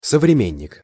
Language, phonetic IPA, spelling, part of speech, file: Russian, [səvrʲɪˈmʲenʲːɪk], современник, noun, Ru-современник.ogg
- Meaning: contemporary (someone living (or something existing) at the same time)